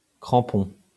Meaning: 1. cleat, crampon (a protrusion on the bottom of a shoe for better traction) 2. spike 3. clinger, hanger-on
- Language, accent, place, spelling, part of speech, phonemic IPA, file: French, France, Lyon, crampon, noun, /kʁɑ̃.pɔ̃/, LL-Q150 (fra)-crampon.wav